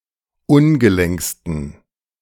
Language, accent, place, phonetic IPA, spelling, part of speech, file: German, Germany, Berlin, [ˈʊnɡəˌlɛŋkstn̩], ungelenksten, adjective, De-ungelenksten.ogg
- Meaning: 1. superlative degree of ungelenk 2. inflection of ungelenk: strong genitive masculine/neuter singular superlative degree